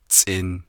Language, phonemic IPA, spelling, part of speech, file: Navajo, /t͡sʼɪ̀n/, tsʼin, noun, Nv-tsʼin.ogg
- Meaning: 1. bone(s) 2. skeleton